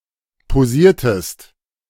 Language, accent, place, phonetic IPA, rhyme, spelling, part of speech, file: German, Germany, Berlin, [poˈziːɐ̯təst], -iːɐ̯təst, posiertest, verb, De-posiertest.ogg
- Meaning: inflection of posieren: 1. second-person singular preterite 2. second-person singular subjunctive II